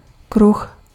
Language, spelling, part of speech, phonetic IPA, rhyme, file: Czech, kruh, noun, [ˈkrux], -rux, Cs-kruh.ogg
- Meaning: 1. disc (circular plate) 2. wheel 3. circle (group of associated people)